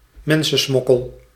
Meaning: people smuggling
- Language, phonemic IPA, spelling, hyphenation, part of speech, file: Dutch, /ˈmɛn.sə(n)ˌsmɔ.kəl/, mensensmokkel, men‧sen‧smok‧kel, noun, Nl-mensensmokkel.ogg